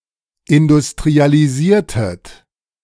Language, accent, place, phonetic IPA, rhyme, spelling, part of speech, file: German, Germany, Berlin, [ɪndʊstʁialiˈziːɐ̯tət], -iːɐ̯tət, industrialisiertet, verb, De-industrialisiertet.ogg
- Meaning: inflection of industrialisieren: 1. second-person plural preterite 2. second-person plural subjunctive II